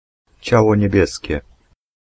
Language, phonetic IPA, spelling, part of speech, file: Polish, [ˈt͡ɕawɔ ɲɛˈbʲjɛsʲcɛ], ciało niebieskie, noun, Pl-ciało niebieskie.ogg